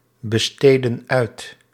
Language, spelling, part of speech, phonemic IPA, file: Dutch, besteden uit, verb, /bəˈstedə(n) ˈœyt/, Nl-besteden uit.ogg
- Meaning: inflection of uitbesteden: 1. plural present indicative 2. plural present subjunctive